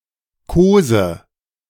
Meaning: inflection of kosen: 1. first-person singular present 2. first/third-person singular present subjunctive 3. singular imperative
- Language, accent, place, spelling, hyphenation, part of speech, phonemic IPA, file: German, Germany, Berlin, kose, ko‧se, verb, /ˈkoːzə/, De-kose.ogg